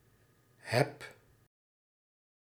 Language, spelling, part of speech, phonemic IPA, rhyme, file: Dutch, heb, verb, /ɦɛp/, -ɛp, Nl-heb.ogg
- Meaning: inflection of hebben: 1. first-person singular present indicative 2. second-person singular present indicative 3. imperative 4. informal third-person singular